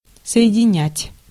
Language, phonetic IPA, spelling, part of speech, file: Russian, [sə(j)ɪdʲɪˈnʲætʲ], соединять, verb, Ru-соединять.ogg
- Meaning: 1. to unite, to join 2. to connect, to put through 3. to combine